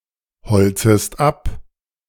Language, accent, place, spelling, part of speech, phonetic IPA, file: German, Germany, Berlin, holzest ab, verb, [ˌhɔlt͡səst ˈap], De-holzest ab.ogg
- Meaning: second-person singular subjunctive I of abholzen